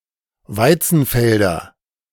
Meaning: nominative/accusative/genitive plural of Weizenfeld
- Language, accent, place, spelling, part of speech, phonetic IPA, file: German, Germany, Berlin, Weizenfelder, noun, [ˈvaɪ̯t͡sn̩ˌfɛldɐ], De-Weizenfelder.ogg